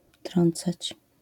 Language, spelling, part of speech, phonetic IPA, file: Polish, trącać, verb, [ˈtrɔ̃nt͡sat͡ɕ], LL-Q809 (pol)-trącać.wav